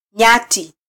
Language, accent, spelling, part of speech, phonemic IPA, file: Swahili, Kenya, nyati, noun, /ˈɲɑ.ti/, Sw-ke-nyati.flac
- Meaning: buffalo (Old World savannah-dwelling bovid)